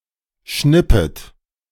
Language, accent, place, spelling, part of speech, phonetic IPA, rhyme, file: German, Germany, Berlin, schnippet, verb, [ˈʃnɪpət], -ɪpət, De-schnippet.ogg
- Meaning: second-person plural subjunctive I of schnippen